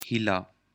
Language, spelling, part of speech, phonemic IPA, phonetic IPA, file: Pashto, هيله, noun, /hi.la/, [hí.lä], هيله.ogg
- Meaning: hope